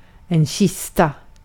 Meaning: 1. a chest (large, strong box) 2. a coffin, a casket 3. a belly (stomach)
- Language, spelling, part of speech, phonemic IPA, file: Swedish, kista, noun, /ˈɕɪsˌta/, Sv-kista.ogg